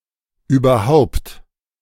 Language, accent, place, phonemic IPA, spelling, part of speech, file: German, Germany, Berlin, /ˌyːbɐˈhaʊ̯pt/, überhaupt, adverb, De-überhaupt.ogg
- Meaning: 1. overall, in general 2. at all; anyway 3. actually 4. even